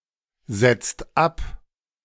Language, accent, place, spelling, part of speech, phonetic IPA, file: German, Germany, Berlin, setzt ab, verb, [ˌz̥ɛt͡st ˈap], De-setzt ab.ogg
- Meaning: inflection of absetzen: 1. second/third-person singular present 2. second-person plural present 3. plural imperative